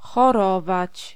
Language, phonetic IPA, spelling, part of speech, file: Polish, [xɔˈrɔvat͡ɕ], chorować, verb, Pl-chorować.ogg